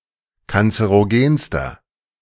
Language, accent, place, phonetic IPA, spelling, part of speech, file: German, Germany, Berlin, [kant͡səʁoˈɡeːnstɐ], kanzerogenster, adjective, De-kanzerogenster.ogg
- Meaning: inflection of kanzerogen: 1. strong/mixed nominative masculine singular superlative degree 2. strong genitive/dative feminine singular superlative degree 3. strong genitive plural superlative degree